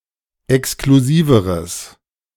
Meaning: strong/mixed nominative/accusative neuter singular comparative degree of exklusiv
- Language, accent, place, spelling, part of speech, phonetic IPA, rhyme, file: German, Germany, Berlin, exklusiveres, adjective, [ɛkskluˈziːvəʁəs], -iːvəʁəs, De-exklusiveres.ogg